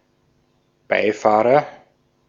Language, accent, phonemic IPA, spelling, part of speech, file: German, Austria, /ˈbaɪ̯ˌfaːʁɐ/, Beifahrer, noun, De-at-Beifahrer.ogg
- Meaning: 1. front passenger 2. driver's mate 3. codriver